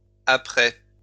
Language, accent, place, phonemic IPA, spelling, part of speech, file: French, France, Lyon, /a.pʁɛ/, apprêts, noun, LL-Q150 (fra)-apprêts.wav
- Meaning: plural of apprêt